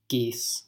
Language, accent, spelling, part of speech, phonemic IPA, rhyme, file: English, US, geese, noun, /ˈɡiːs/, -iːs, En-us-geese.ogg
- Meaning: plural of goose